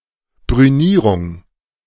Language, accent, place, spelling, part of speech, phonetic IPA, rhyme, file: German, Germany, Berlin, Brünierung, noun, [bʁyˈniːʁʊŋ], -iːʁʊŋ, De-Brünierung.ogg
- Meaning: 1. burnishing 2. bluing (of steel)